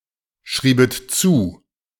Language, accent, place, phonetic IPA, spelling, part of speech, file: German, Germany, Berlin, [ˌʃʁiːbət ˈt͡suː], schriebet zu, verb, De-schriebet zu.ogg
- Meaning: second-person plural subjunctive II of zuschreiben